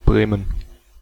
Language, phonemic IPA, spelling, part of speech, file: German, /ˈbʁeːmən/, Bremen, proper noun, De-Bremen.ogg
- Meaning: 1. Bremen (the capital city of the state of Bremen, Germany) 2. Bremen (a state of Germany)